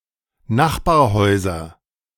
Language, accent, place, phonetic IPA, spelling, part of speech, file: German, Germany, Berlin, [ˈnaxbaːɐ̯ˌhɔɪ̯zɐ], Nachbarhäuser, noun, De-Nachbarhäuser.ogg
- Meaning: nominative/accusative/genitive plural of Nachbarhaus